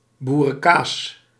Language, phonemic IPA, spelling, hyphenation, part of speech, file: Dutch, /ˌbu.rə(n)ˈkaːs/, boerenkaas, boe‧ren‧kaas, noun, Nl-boerenkaas.ogg
- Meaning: farmhouse cheese, made from a farmer’s own herd and generally unpasteurized